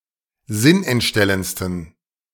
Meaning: 1. superlative degree of sinnentstellend 2. inflection of sinnentstellend: strong genitive masculine/neuter singular superlative degree
- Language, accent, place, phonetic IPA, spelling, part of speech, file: German, Germany, Berlin, [ˈzɪnʔɛntˌʃtɛlənt͡stn̩], sinnentstellendsten, adjective, De-sinnentstellendsten.ogg